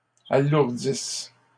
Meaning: inflection of alourdir: 1. third-person plural present indicative/subjunctive 2. third-person plural imperfect subjunctive
- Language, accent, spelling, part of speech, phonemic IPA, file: French, Canada, alourdissent, verb, /a.luʁ.dis/, LL-Q150 (fra)-alourdissent.wav